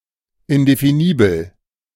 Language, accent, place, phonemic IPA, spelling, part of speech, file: German, Germany, Berlin, /ɪndefiˈniːbl̩/, indefinibel, adjective, De-indefinibel.ogg
- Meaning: undefinable